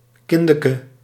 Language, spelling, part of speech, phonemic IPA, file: Dutch, kindeke, noun, /ˈkɪndəkə/, Nl-kindeke.ogg
- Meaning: alternative form of kindeken; diminutive of kind